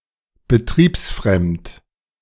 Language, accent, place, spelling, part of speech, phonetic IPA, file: German, Germany, Berlin, betriebsfremd, adjective, [bəˈtʁiːpsˌfʁɛmt], De-betriebsfremd.ogg
- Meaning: non-company (of a different company / organization)